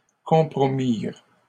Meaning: third-person plural past historic of compromettre
- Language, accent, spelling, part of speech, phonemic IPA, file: French, Canada, compromirent, verb, /kɔ̃.pʁɔ.miʁ/, LL-Q150 (fra)-compromirent.wav